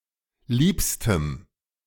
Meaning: strong dative masculine/neuter singular superlative degree of lieb
- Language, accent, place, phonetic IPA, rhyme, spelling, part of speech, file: German, Germany, Berlin, [ˈliːpstəm], -iːpstəm, liebstem, adjective, De-liebstem.ogg